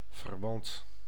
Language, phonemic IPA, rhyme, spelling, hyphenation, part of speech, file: Dutch, /vərˈʋɑnt/, -ɑnt, verwant, ver‧want, adjective / noun, Nl-verwant.ogg
- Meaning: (adjective) related (including distant relations); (noun) relative, family member, including distant relatives